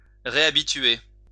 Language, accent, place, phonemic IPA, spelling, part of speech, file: French, France, Lyon, /ʁe.a.bi.tɥe/, réhabituer, verb, LL-Q150 (fra)-réhabituer.wav
- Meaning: to reaccustom